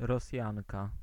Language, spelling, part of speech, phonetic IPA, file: Polish, Rosjanka, noun, [rɔˈsʲjãŋka], Pl-Rosjanka.ogg